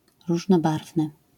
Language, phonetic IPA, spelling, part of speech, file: Polish, [ˌruʒnɔˈbarvnɨ], różnobarwny, adjective, LL-Q809 (pol)-różnobarwny.wav